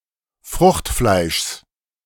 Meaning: genitive of Fruchtfleisch
- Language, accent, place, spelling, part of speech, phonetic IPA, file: German, Germany, Berlin, Fruchtfleischs, noun, [ˈfʁʊxtˌflaɪ̯ʃs], De-Fruchtfleischs.ogg